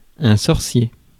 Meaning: sorcerer, magician, warlock
- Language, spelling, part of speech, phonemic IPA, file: French, sorcier, noun, /sɔʁ.sje/, Fr-sorcier.ogg